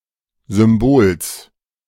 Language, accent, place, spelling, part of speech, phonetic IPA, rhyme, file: German, Germany, Berlin, Symbols, noun, [zʏmˈboːls], -oːls, De-Symbols.ogg
- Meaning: genitive singular of Symbol